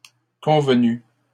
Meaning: feminine singular of convenu
- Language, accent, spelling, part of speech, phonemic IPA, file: French, Canada, convenue, verb, /kɔ̃v.ny/, LL-Q150 (fra)-convenue.wav